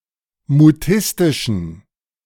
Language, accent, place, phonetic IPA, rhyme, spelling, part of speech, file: German, Germany, Berlin, [muˈtɪstɪʃn̩], -ɪstɪʃn̩, mutistischen, adjective, De-mutistischen.ogg
- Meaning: inflection of mutistisch: 1. strong genitive masculine/neuter singular 2. weak/mixed genitive/dative all-gender singular 3. strong/weak/mixed accusative masculine singular 4. strong dative plural